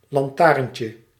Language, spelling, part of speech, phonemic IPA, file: Dutch, lantaarntje, noun, /lɑnˈtarᵊɲcə/, Nl-lantaarntje.ogg
- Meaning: diminutive of lantaarn